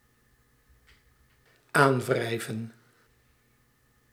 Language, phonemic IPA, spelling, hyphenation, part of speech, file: Dutch, /ˈaːnˌvrɛi̯və(n)/, aanwrijven, aan‧wrij‧ven, verb, Nl-aanwrijven.ogg
- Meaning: to impute